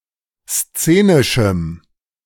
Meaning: strong dative masculine/neuter singular of szenisch
- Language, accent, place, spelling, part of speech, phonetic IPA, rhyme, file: German, Germany, Berlin, szenischem, adjective, [ˈst͡seːnɪʃm̩], -eːnɪʃm̩, De-szenischem.ogg